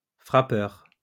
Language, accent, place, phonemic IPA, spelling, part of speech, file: French, France, Lyon, /fʁa.pœʁ/, frappeur, noun, LL-Q150 (fra)-frappeur.wav
- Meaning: hitter, batter, batsman